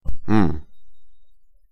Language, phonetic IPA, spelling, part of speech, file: Russian, [mː], мм, interjection, Ru-мм.ogg